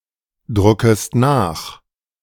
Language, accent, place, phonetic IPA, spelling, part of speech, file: German, Germany, Berlin, [ˌdʁʊkəst ˈnaːx], druckest nach, verb, De-druckest nach.ogg
- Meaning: second-person singular subjunctive I of nachdrucken